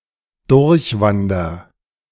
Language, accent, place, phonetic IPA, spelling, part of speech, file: German, Germany, Berlin, [ˈdʊʁçˌvandɐ], durchwander, verb, De-durchwander.ogg
- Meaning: inflection of durchwandern: 1. first-person singular present 2. singular imperative